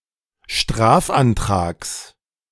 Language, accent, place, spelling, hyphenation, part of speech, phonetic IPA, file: German, Germany, Berlin, Strafantrags, Straf‧an‧trags, noun, [ˈʃtʁaːfʔanˌtʁaːks], De-Strafantrags.ogg
- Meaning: genitive singular of Strafantrag